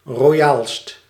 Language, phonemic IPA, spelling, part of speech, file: Dutch, /roˈjalst/, royaalst, adjective, Nl-royaalst.ogg
- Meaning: superlative degree of royaal